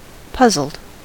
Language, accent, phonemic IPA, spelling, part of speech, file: English, US, /ˈpʌ.zl̩d/, puzzled, adjective / verb, En-us-puzzled.ogg
- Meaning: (adjective) Confused or perplexed; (verb) simple past and past participle of puzzle